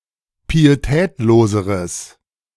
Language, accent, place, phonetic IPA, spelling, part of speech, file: German, Germany, Berlin, [piːeˈtɛːtloːzəʁəs], pietätloseres, adjective, De-pietätloseres.ogg
- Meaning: strong/mixed nominative/accusative neuter singular comparative degree of pietätlos